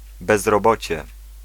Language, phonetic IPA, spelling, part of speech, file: Polish, [ˌbɛzrɔˈbɔt͡ɕɛ], bezrobocie, noun, Pl-bezrobocie.ogg